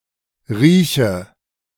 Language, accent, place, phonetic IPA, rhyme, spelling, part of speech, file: German, Germany, Berlin, [ˈʁiːçə], -iːçə, rieche, verb, De-rieche.ogg
- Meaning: inflection of riechen: 1. first-person singular present 2. first/third-person singular subjunctive I 3. singular imperative